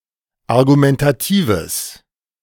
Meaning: strong/mixed nominative/accusative neuter singular of argumentativ
- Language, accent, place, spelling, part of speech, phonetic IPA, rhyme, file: German, Germany, Berlin, argumentatives, adjective, [aʁɡumɛntaˈtiːvəs], -iːvəs, De-argumentatives.ogg